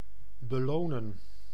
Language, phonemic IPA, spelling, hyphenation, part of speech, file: Dutch, /bəˈloːnə(n)/, belonen, be‧lo‧nen, verb, Nl-belonen.ogg
- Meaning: to reward